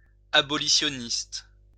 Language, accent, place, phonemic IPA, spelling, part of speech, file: French, France, Lyon, /a.bɔ.li.sjɔ.nist/, abolitioniste, adjective / noun, LL-Q150 (fra)-abolitioniste.wav
- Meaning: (adjective) alternative form of abolitionniste